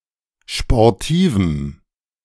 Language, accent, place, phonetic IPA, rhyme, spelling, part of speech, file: German, Germany, Berlin, [ʃpɔʁˈtiːvm̩], -iːvm̩, sportivem, adjective, De-sportivem.ogg
- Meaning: strong dative masculine/neuter singular of sportiv